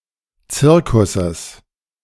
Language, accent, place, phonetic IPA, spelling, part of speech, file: German, Germany, Berlin, [ˈt͡sɪʁkʊsəs], Zirkusses, noun, De-Zirkusses.ogg
- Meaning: genitive singular of Zirkus